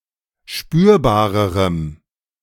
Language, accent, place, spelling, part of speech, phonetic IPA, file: German, Germany, Berlin, spürbarerem, adjective, [ˈʃpyːɐ̯baːʁəʁəm], De-spürbarerem.ogg
- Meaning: strong dative masculine/neuter singular comparative degree of spürbar